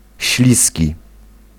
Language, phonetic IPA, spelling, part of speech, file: Polish, [ˈɕlʲisʲci], śliski, adjective, Pl-śliski.ogg